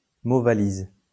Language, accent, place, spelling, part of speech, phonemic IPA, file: French, France, Lyon, mot-valise, noun, /mo.va.liz/, LL-Q150 (fra)-mot-valise.wav
- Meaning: portmanteau word